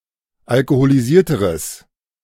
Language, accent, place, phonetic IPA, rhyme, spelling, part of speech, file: German, Germany, Berlin, [alkoholiˈziːɐ̯təʁəs], -iːɐ̯təʁəs, alkoholisierteres, adjective, De-alkoholisierteres.ogg
- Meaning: strong/mixed nominative/accusative neuter singular comparative degree of alkoholisiert